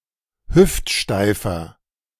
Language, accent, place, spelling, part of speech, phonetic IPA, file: German, Germany, Berlin, hüftsteifer, adjective, [ˈhʏftˌʃtaɪ̯fɐ], De-hüftsteifer.ogg
- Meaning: 1. comparative degree of hüftsteif 2. inflection of hüftsteif: strong/mixed nominative masculine singular 3. inflection of hüftsteif: strong genitive/dative feminine singular